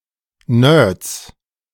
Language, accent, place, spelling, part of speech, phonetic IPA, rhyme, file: German, Germany, Berlin, Nerds, noun, [nøːɐ̯t͡s], -øːɐ̯t͡s, De-Nerds.ogg
- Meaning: genitive singular of Nerd